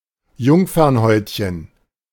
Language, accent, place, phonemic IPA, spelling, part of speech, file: German, Germany, Berlin, /ˈjʊŋfɐnˌhɔʏ̯tçən/, Jungfernhäutchen, noun, De-Jungfernhäutchen.ogg
- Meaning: hymen (membrane which occludes the vagina)